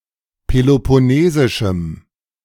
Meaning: strong dative masculine/neuter singular of peloponnesisch
- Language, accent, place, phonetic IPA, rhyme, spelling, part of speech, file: German, Germany, Berlin, [pelopɔˈneːzɪʃm̩], -eːzɪʃm̩, peloponnesischem, adjective, De-peloponnesischem.ogg